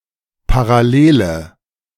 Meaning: parallel
- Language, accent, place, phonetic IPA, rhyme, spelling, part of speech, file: German, Germany, Berlin, [paʁaˈleːlə], -eːlə, Parallele, noun, De-Parallele.ogg